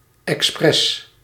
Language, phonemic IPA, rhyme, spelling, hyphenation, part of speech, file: Dutch, /ɛksˈprɛs/, -ɛs, expres, ex‧pres, adverb / noun, Nl-expres.ogg
- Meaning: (adverb) on purpose, deliberately; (noun) 1. express, express train 2. alternative form of expresse